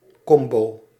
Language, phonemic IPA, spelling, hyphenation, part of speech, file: Dutch, /ˈkɔm.boː/, combo, com‧bo, noun, Nl-combo.ogg
- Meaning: 1. combo (small musical group) 2. combo (composite move)